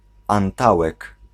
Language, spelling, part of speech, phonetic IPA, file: Polish, antałek, noun, [ãnˈtawɛk], Pl-antałek.ogg